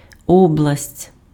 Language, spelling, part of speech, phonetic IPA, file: Ukrainian, область, noun, [ˈɔbɫɐsʲtʲ], Uk-область.ogg
- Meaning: 1. province, region, territory 2. sphere (of influence etc.) 3. domain